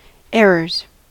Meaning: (noun) plural of error; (verb) third-person singular simple present indicative of error
- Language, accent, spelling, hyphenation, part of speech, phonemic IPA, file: English, US, errors, er‧rors, noun / verb, /ˈɛɹɚz/, En-us-errors.ogg